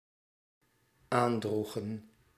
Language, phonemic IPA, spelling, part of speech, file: Dutch, /ˈandruxə(n)/, aandroegen, verb, Nl-aandroegen.ogg
- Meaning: inflection of aandragen: 1. plural dependent-clause past indicative 2. plural dependent-clause past subjunctive